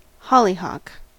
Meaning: Any of several flowering plants of the genus Alcea in the Malvaceae family
- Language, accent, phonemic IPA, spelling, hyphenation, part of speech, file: English, US, /ˈhɑlihɑk/, hollyhock, hol‧ly‧hock, noun, En-us-hollyhock.ogg